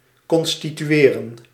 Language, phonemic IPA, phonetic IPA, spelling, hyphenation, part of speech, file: Dutch, /ˌkɔn.sti.tyˈeː.rə(n)/, [kɔnstityˈɥeːrə(n)], constitueren, con‧sti‧tu‧e‧ren, verb, Nl-constitueren.ogg
- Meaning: 1. to constitute 2. to be established; to be enacted